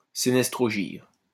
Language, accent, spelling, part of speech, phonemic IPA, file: French, France, sénestrogyre, adjective, /se.nɛs.tʁɔ.ʒiʁ/, LL-Q150 (fra)-sénestrogyre.wav
- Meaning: sinistrogyre